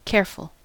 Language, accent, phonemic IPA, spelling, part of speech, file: English, US, /ˈkɛɹfəl/, careful, adjective, En-us-careful.ogg
- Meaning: 1. Taking care; attentive to potential danger, error or harm; cautious 2. Conscientious and painstaking; meticulous 3. Full of care or grief; sorrowful, sad